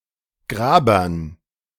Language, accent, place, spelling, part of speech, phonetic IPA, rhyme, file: German, Germany, Berlin, Grabern, noun, [ˈɡʁaːbɐn], -aːbɐn, De-Grabern.ogg
- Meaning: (proper noun) a municipality of Lower Austria, Austria; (noun) dative plural of Graber